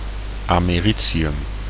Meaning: americium
- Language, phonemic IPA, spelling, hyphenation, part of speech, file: Dutch, /ˌaː.meːˈri.(t)si.ʏm/, americium, ame‧ri‧ci‧um, noun, Nl-americium.ogg